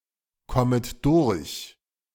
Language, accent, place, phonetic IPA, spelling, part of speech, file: German, Germany, Berlin, [ˌkɔmət ˈdʊʁç], kommet durch, verb, De-kommet durch.ogg
- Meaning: second-person plural subjunctive I of durchkommen